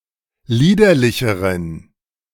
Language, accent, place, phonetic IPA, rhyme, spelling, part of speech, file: German, Germany, Berlin, [ˈliːdɐlɪçəʁən], -iːdɐlɪçəʁən, liederlicheren, adjective, De-liederlicheren.ogg
- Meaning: inflection of liederlich: 1. strong genitive masculine/neuter singular comparative degree 2. weak/mixed genitive/dative all-gender singular comparative degree